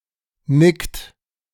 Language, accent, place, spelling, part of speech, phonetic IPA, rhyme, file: German, Germany, Berlin, nickt, verb, [nɪkt], -ɪkt, De-nickt.ogg
- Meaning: inflection of nicken: 1. third-person singular present 2. second-person plural present 3. plural imperative